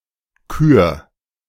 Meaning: 1. singular imperative of küren 2. first-person singular present of küren
- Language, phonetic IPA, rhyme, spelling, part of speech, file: German, [kyːɐ̯], -yːɐ̯, kür, verb, De-kür.oga